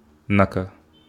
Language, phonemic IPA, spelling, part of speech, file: Wolof, /ˈnaka/, naka, adverb, Wo-naka.ogg
- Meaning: how is, how are